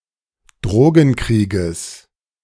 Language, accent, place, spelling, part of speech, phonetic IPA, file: German, Germany, Berlin, Drogenkrieges, noun, [ˈdʁoːɡn̩ˌkʁiːɡəs], De-Drogenkrieges.ogg
- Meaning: genitive singular of Drogenkrieg